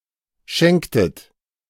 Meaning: inflection of schenken: 1. second-person plural preterite 2. second-person plural subjunctive II
- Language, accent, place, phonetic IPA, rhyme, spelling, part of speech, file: German, Germany, Berlin, [ˈʃɛŋktət], -ɛŋktət, schenktet, verb, De-schenktet.ogg